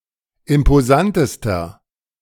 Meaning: inflection of imposant: 1. strong/mixed nominative masculine singular superlative degree 2. strong genitive/dative feminine singular superlative degree 3. strong genitive plural superlative degree
- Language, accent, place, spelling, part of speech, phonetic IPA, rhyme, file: German, Germany, Berlin, imposantester, adjective, [ɪmpoˈzantəstɐ], -antəstɐ, De-imposantester.ogg